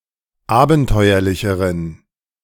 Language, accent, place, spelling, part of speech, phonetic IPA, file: German, Germany, Berlin, abenteuerlicheren, adjective, [ˈaːbn̩ˌtɔɪ̯ɐlɪçəʁən], De-abenteuerlicheren.ogg
- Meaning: inflection of abenteuerlich: 1. strong genitive masculine/neuter singular comparative degree 2. weak/mixed genitive/dative all-gender singular comparative degree